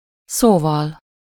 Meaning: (noun) instrumental singular of szó; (adverb) that is, that is to say, in other words
- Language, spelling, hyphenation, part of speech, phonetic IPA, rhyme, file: Hungarian, szóval, szó‧val, noun / adverb / interjection, [ˈsoːvɒl], -ɒl, Hu-szóval.ogg